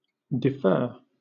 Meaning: 1. To delay or postpone 2. To delay or postpone.: to postpone induction into military service
- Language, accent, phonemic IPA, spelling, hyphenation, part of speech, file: English, Southern England, /dɪˈfɜː/, defer, de‧fer, verb, LL-Q1860 (eng)-defer.wav